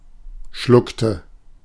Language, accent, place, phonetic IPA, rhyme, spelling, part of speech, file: German, Germany, Berlin, [ˈʃlʊktə], -ʊktə, schluckte, verb, De-schluckte.ogg
- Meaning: inflection of schlucken: 1. first/third-person singular preterite 2. first/third-person singular subjunctive II